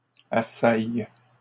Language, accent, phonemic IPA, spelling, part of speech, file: French, Canada, /a.saj/, assaillent, verb, LL-Q150 (fra)-assaillent.wav
- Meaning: third-person plural present indicative/subjunctive of assaillir